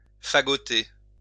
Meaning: 1. to bundle 2. to dress up (wear special clothes)
- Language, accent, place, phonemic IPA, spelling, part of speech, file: French, France, Lyon, /fa.ɡɔ.te/, fagoter, verb, LL-Q150 (fra)-fagoter.wav